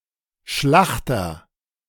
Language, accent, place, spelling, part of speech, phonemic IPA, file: German, Germany, Berlin, Schlachter, noun, /ˈʃlaχtɐ/, De-Schlachter.ogg
- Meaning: 1. butcher (male or of unspecified gender) 2. someone who works in a slaughterhouse (male or of unspecified gender)